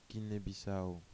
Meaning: Guinea-Bissau (a country in West Africa)
- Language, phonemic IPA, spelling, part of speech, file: French, /ɡi.ne.bi.sa.o/, Guinée-Bissau, proper noun, Fr-Guinée-Bissau.oga